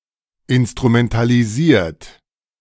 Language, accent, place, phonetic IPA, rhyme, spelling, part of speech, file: German, Germany, Berlin, [ɪnstʁumɛntaliˈziːɐ̯t], -iːɐ̯t, instrumentalisiert, verb, De-instrumentalisiert.ogg
- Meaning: 1. past participle of instrumentalisieren 2. inflection of instrumentalisieren: second-person plural present 3. inflection of instrumentalisieren: third-person singular present